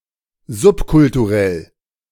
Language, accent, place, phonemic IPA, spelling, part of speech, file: German, Germany, Berlin, /ˈzʊpkʊltuˌʁɛl/, subkulturell, adjective, De-subkulturell.ogg
- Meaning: subcultural